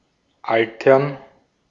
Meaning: to age
- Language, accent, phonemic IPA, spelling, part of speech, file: German, Austria, /ˈʔaltɐn/, altern, verb, De-at-altern.ogg